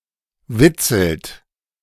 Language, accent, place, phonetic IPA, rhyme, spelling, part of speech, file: German, Germany, Berlin, [ˈvɪt͡sl̩t], -ɪt͡sl̩t, witzelt, verb, De-witzelt.ogg
- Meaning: inflection of witzeln: 1. second-person plural present 2. third-person singular present 3. plural imperative